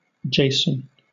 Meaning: 1. The leader of the Argonauts, who retrieved the Golden Fleece from king Aeetes of Colchis, for his uncle Pelias 2. A male given name from Ancient Greek
- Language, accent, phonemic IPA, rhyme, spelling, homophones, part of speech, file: English, Southern England, /ˈdʒeɪsən/, -eɪsən, Jason, JSON, proper noun, LL-Q1860 (eng)-Jason.wav